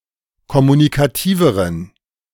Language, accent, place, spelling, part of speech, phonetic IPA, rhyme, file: German, Germany, Berlin, kommunikativeren, adjective, [kɔmunikaˈtiːvəʁən], -iːvəʁən, De-kommunikativeren.ogg
- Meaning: inflection of kommunikativ: 1. strong genitive masculine/neuter singular comparative degree 2. weak/mixed genitive/dative all-gender singular comparative degree